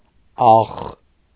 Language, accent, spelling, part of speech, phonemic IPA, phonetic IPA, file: Armenian, Eastern Armenian, աղխ, noun, /ɑχχ/, [ɑχː], Hy-աղխ.ogg
- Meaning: 1. household of the feudal or tribal leader 2. household property; goods and chattels 3. lock